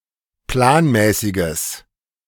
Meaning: strong/mixed nominative/accusative neuter singular of planmäßig
- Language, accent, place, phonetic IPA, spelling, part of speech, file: German, Germany, Berlin, [ˈplaːnˌmɛːsɪɡəs], planmäßiges, adjective, De-planmäßiges.ogg